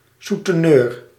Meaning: pimp, souteneur
- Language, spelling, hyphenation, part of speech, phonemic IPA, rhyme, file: Dutch, souteneur, sou‧te‧neur, noun, /ˌsu.tɛˈnøːr/, -øːr, Nl-souteneur.ogg